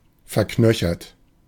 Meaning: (verb) past participle of verknöchern; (adjective) ossified
- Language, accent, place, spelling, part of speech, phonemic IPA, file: German, Germany, Berlin, verknöchert, verb / adjective, /fɛɐ̯ˈknœçɐt/, De-verknöchert.ogg